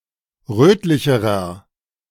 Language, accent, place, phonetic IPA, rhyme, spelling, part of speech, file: German, Germany, Berlin, [ˈʁøːtlɪçəʁɐ], -øːtlɪçəʁɐ, rötlicherer, adjective, De-rötlicherer.ogg
- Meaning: inflection of rötlich: 1. strong/mixed nominative masculine singular comparative degree 2. strong genitive/dative feminine singular comparative degree 3. strong genitive plural comparative degree